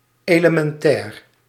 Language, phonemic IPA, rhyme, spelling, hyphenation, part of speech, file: Dutch, /ˌeːləmɛnˈtɛːr/, -ɛːr, elementair, ele‧men‧tair, adjective, Nl-elementair.ogg
- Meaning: 1. elementary (relating to the basic, essential or fundamental part of something) 2. elementary (relating to a subatomic particle)